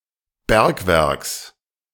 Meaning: genitive singular of Bergwerk
- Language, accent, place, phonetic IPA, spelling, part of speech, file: German, Germany, Berlin, [ˈbɛʁkˌvɛʁks], Bergwerks, noun, De-Bergwerks.ogg